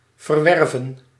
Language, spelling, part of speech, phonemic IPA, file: Dutch, verwerven, verb, /vərˈʋɛrvə(n)/, Nl-verwerven.ogg
- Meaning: to acquire, obtain, gain